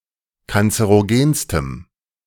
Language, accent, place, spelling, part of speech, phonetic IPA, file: German, Germany, Berlin, kanzerogenstem, adjective, [kant͡səʁoˈɡeːnstəm], De-kanzerogenstem.ogg
- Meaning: strong dative masculine/neuter singular superlative degree of kanzerogen